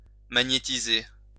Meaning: to magnetise (UK), to magnetize (US)
- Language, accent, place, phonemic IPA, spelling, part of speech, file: French, France, Lyon, /ma.ɲe.ti.ze/, magnétiser, verb, LL-Q150 (fra)-magnétiser.wav